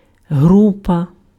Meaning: 1. group 2. band
- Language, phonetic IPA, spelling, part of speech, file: Ukrainian, [ˈɦrupɐ], група, noun, Uk-група.ogg